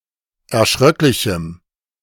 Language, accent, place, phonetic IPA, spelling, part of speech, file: German, Germany, Berlin, [ɛɐ̯ˈʃʁœklɪçm̩], erschröcklichem, adjective, De-erschröcklichem.ogg
- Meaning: strong dative masculine/neuter singular of erschröcklich